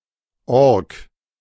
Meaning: orc (a monstrous humanoid creature, semi-intelligent and usually aggressive)
- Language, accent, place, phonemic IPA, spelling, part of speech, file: German, Germany, Berlin, /ɔʁk/, Ork, noun, De-Ork.ogg